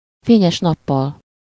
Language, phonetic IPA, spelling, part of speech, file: Hungarian, [ˈfeːɲɛʃnɒpːɒl], fényes nappal, adverb, Hu-fényes nappal.ogg
- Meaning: 1. in broad daylight (during the daytime) 2. in a blatant and visible manner